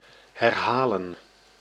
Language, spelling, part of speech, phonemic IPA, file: Dutch, herhalen, verb, /ˌɦɛrˈɦaːlə(n)/, Nl-herhalen.ogg
- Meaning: to repeat